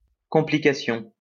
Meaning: complication
- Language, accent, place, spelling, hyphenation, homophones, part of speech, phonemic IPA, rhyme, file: French, France, Lyon, complication, com‧pli‧ca‧tion, complications, noun, /kɔ̃.pli.ka.sjɔ̃/, -sjɔ̃, LL-Q150 (fra)-complication.wav